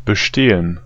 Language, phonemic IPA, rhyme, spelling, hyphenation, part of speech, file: German, /bəˈʃteːən/, -eːən, bestehen, be‧ste‧hen, verb, De-bestehen.ogg
- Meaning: 1. to succeed, to pass (an exam) 2. to consist 3. to exist 4. to insist